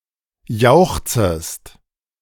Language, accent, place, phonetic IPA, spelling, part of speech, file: German, Germany, Berlin, [ˈjaʊ̯xt͡səst], jauchzest, verb, De-jauchzest.ogg
- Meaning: second-person singular subjunctive I of jauchzen